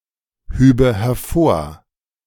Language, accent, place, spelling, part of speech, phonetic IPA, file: German, Germany, Berlin, hübe hervor, verb, [ˌhyːbə hɛɐ̯ˈfoːɐ̯], De-hübe hervor.ogg
- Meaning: first/third-person singular subjunctive II of hervorheben